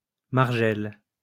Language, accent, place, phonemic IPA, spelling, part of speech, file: French, France, Lyon, /maʁ.ʒɛl/, margelle, noun, LL-Q150 (fra)-margelle.wav
- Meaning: 1. brink, edge 2. stone forming the edge of a well or fountain